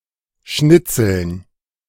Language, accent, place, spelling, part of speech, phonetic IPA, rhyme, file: German, Germany, Berlin, Schnitzeln, noun, [ˈʃnɪt͡sl̩n], -ɪt͡sl̩n, De-Schnitzeln.ogg
- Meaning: dative plural of Schnitzel